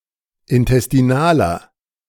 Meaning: inflection of intestinal: 1. strong/mixed nominative masculine singular 2. strong genitive/dative feminine singular 3. strong genitive plural
- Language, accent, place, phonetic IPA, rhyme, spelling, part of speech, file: German, Germany, Berlin, [ɪntɛstiˈnaːlɐ], -aːlɐ, intestinaler, adjective, De-intestinaler.ogg